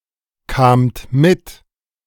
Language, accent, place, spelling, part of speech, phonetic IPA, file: German, Germany, Berlin, kamt mit, verb, [ˌkaːmt ˈmɪt], De-kamt mit.ogg
- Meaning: second-person plural preterite of mitkommen